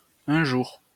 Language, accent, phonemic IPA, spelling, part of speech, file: French, France, /œ̃ ʒuʁ/, un jour, adverb, LL-Q150 (fra)-un jour.wav
- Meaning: one day, someday (at unspecified time in the past or future)